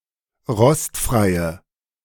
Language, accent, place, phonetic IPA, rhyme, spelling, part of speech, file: German, Germany, Berlin, [ˈʁɔstfʁaɪ̯ə], -ɔstfʁaɪ̯ə, rostfreie, adjective, De-rostfreie.ogg
- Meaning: inflection of rostfrei: 1. strong/mixed nominative/accusative feminine singular 2. strong nominative/accusative plural 3. weak nominative all-gender singular